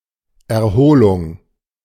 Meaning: 1. recovery, convalescence 2. recreation
- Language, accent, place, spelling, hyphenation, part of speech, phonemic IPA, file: German, Germany, Berlin, Erholung, Er‧ho‧lung, noun, /ɛʁˈhoːlʊŋ/, De-Erholung.ogg